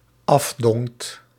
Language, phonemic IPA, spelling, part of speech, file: Dutch, /ˈɑvdɔŋt/, afdongt, verb, Nl-afdongt.ogg
- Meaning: second-person (gij) singular dependent-clause past indicative of afdingen